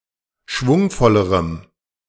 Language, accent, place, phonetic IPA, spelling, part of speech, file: German, Germany, Berlin, [ˈʃvʊŋfɔləʁəm], schwungvollerem, adjective, De-schwungvollerem.ogg
- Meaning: strong dative masculine/neuter singular comparative degree of schwungvoll